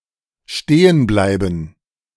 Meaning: 1. to stop moving 2. to be left as-is
- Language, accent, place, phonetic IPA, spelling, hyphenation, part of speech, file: German, Germany, Berlin, [ˈʃteːənˌblaɪ̯bn̩], stehenbleiben, ste‧hen‧blei‧ben, verb, De-stehenbleiben.ogg